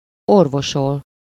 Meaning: 1. to heal, cure (to restore to health) 2. to remedy (to provide or serve as a remedy for)
- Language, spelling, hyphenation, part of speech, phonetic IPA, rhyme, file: Hungarian, orvosol, or‧vo‧sol, verb, [ˈorvoʃol], -ol, Hu-orvosol.ogg